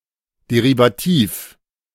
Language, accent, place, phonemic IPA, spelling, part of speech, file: German, Germany, Berlin, /ˌdeʁiːvaˑˈtiːf/, derivativ, adjective, De-derivativ.ogg
- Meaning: derivative